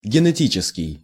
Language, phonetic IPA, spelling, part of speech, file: Russian, [ɡʲɪnɨˈtʲit͡ɕɪskʲɪj], генетический, adjective, Ru-генетический.ogg
- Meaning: genetic, genetical